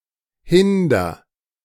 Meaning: inflection of hindern: 1. first-person singular present 2. singular imperative
- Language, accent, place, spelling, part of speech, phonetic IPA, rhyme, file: German, Germany, Berlin, hinder, verb, [ˈhɪndɐ], -ɪndɐ, De-hinder.ogg